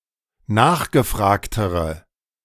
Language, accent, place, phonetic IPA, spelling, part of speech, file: German, Germany, Berlin, [ˈnaːxɡəˌfʁaːktəʁə], nachgefragtere, adjective, De-nachgefragtere.ogg
- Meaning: inflection of nachgefragt: 1. strong/mixed nominative/accusative feminine singular comparative degree 2. strong nominative/accusative plural comparative degree